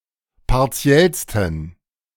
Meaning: 1. superlative degree of partiell 2. inflection of partiell: strong genitive masculine/neuter singular superlative degree
- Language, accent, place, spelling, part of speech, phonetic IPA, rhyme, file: German, Germany, Berlin, partiellsten, adjective, [paʁˈt͡si̯ɛlstn̩], -ɛlstn̩, De-partiellsten.ogg